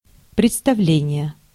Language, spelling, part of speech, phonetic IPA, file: Russian, представление, noun, [prʲɪt͡stɐˈvlʲenʲɪje], Ru-представление.ogg
- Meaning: 1. introduction (a means, such as a personal letter, of presenting one person to another) 2. presentation, submission, introduction 3. performance, show 4. idea, notion, conception